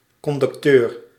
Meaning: 1. conductor (ticket collector) 2. ellipsis of conducteur van bruggen en wegen 3. ellipsis of conducteur van brievenmalen 4. cue sheet; partition containing one band player's particular part
- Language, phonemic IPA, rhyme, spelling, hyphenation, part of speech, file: Dutch, /ˌkɔndʏkˈtøːr/, -øːr, conducteur, con‧duc‧teur, noun, Nl-conducteur.ogg